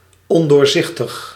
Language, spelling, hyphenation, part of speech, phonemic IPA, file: Dutch, ondoorzichtig, on‧door‧zich‧tig, adjective, /ˌɔn.doːrˈzɪx.təx/, Nl-ondoorzichtig.ogg
- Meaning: opaque